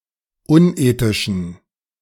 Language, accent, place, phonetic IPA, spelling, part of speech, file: German, Germany, Berlin, [ˈʊnˌʔeːtɪʃn̩], unethischen, adjective, De-unethischen.ogg
- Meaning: inflection of unethisch: 1. strong genitive masculine/neuter singular 2. weak/mixed genitive/dative all-gender singular 3. strong/weak/mixed accusative masculine singular 4. strong dative plural